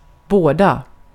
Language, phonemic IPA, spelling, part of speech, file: Swedish, /ˈboːˌda/, båda, determiner / verb, Sv-båda.ogg
- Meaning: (determiner) both; either, each of two; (verb) to bode (well or ill)